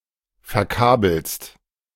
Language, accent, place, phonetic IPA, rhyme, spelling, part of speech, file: German, Germany, Berlin, [fɛɐ̯ˈkaːbl̩st], -aːbl̩st, verkabelst, verb, De-verkabelst.ogg
- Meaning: second-person singular present of verkabeln